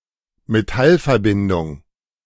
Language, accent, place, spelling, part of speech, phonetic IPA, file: German, Germany, Berlin, Metallverbindung, noun, [meˈtalfɛɐ̯ˌbɪndʊŋ], De-Metallverbindung.ogg
- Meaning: metal compound